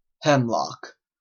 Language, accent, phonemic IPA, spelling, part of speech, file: English, Canada, /ˈhɛmˌlɒk/, hemlock, noun, En-ca-hemlock.oga
- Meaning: Any of the poisonous umbelliferous plants, of the genera: 1. Conium, either Conium maculatum or Conium chaerophylloides 2. Cicuta (water hemlock)